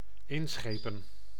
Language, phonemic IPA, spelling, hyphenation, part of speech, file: Dutch, /ˈɪnˌsxeː.pə(n)/, inschepen, in‧sche‧pen, verb, Nl-inschepen.ogg
- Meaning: to ship, to embark, to embarge